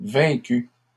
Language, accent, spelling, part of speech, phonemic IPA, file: French, Canada, vaincues, verb, /vɛ̃.ky/, LL-Q150 (fra)-vaincues.wav
- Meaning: feminine plural of vaincu